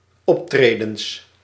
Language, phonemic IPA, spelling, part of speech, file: Dutch, /ˈɔptredə(n)s/, optredens, noun, Nl-optredens.ogg
- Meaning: plural of optreden